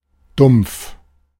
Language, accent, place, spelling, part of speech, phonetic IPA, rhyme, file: German, Germany, Berlin, dumpf, adjective, [dʊmpf], -ʊmpf, De-dumpf.ogg
- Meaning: 1. dull 2. hollow, muffled, dead (sound) 3. vague 4. musty, stifling (atmosphere) 5. nagging (pain)